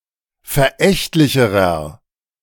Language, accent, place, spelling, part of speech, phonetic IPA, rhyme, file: German, Germany, Berlin, verächtlicherer, adjective, [fɛɐ̯ˈʔɛçtlɪçəʁɐ], -ɛçtlɪçəʁɐ, De-verächtlicherer.ogg
- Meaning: inflection of verächtlich: 1. strong/mixed nominative masculine singular comparative degree 2. strong genitive/dative feminine singular comparative degree 3. strong genitive plural comparative degree